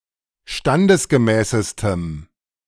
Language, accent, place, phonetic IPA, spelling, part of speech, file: German, Germany, Berlin, [ˈʃtandəsɡəˌmɛːsəstəm], standesgemäßestem, adjective, De-standesgemäßestem.ogg
- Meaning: strong dative masculine/neuter singular superlative degree of standesgemäß